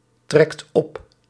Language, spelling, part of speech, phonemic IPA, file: Dutch, trekt op, verb, /ˈtrɛkt ˈɔp/, Nl-trekt op.ogg
- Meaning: inflection of optrekken: 1. second/third-person singular present indicative 2. plural imperative